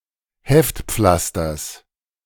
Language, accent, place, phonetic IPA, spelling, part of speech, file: German, Germany, Berlin, [ˈhɛftˌp͡flastɐs], Heftpflasters, noun, De-Heftpflasters.ogg
- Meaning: genitive singular of Heftpflaster